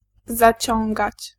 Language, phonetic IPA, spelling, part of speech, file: Polish, [zaˈt͡ɕɔ̃ŋɡat͡ɕ], zaciągać, verb, Pl-zaciągać.ogg